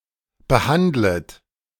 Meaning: second-person plural subjunctive I of behandeln
- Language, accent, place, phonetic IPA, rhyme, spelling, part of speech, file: German, Germany, Berlin, [bəˈhandlət], -andlət, behandlet, verb, De-behandlet.ogg